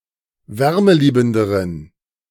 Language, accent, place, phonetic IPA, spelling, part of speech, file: German, Germany, Berlin, [ˈvɛʁməˌliːbn̩dəʁən], wärmeliebenderen, adjective, De-wärmeliebenderen.ogg
- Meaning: inflection of wärmeliebend: 1. strong genitive masculine/neuter singular comparative degree 2. weak/mixed genitive/dative all-gender singular comparative degree